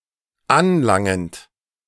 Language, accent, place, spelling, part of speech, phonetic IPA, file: German, Germany, Berlin, anlangend, verb, [ˈanˌlaŋənt], De-anlangend.ogg
- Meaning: present participle of anlangen